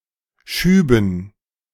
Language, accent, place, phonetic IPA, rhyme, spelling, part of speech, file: German, Germany, Berlin, [ˈʃyːbn̩], -yːbn̩, Schüben, noun, De-Schüben.ogg
- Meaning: dative plural of Schub